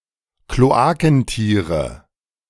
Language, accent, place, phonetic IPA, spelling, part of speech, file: German, Germany, Berlin, [kloˈaːkn̩ˌtiːʁə], Kloakentiere, noun, De-Kloakentiere.ogg
- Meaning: nominative/accusative/genitive plural of Kloakentier